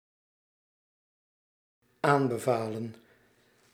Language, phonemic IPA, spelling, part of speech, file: Dutch, /ˈambəˌvalə(n)/, aanbevalen, verb, Nl-aanbevalen.ogg
- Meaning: inflection of aanbevelen: 1. plural dependent-clause past indicative 2. plural dependent-clause past subjunctive